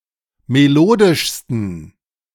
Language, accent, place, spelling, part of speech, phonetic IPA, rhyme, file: German, Germany, Berlin, melodischsten, adjective, [meˈloːdɪʃstn̩], -oːdɪʃstn̩, De-melodischsten.ogg
- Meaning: 1. superlative degree of melodisch 2. inflection of melodisch: strong genitive masculine/neuter singular superlative degree